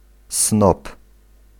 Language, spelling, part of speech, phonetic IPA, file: Polish, snob, noun, [snɔp], Pl-snob.ogg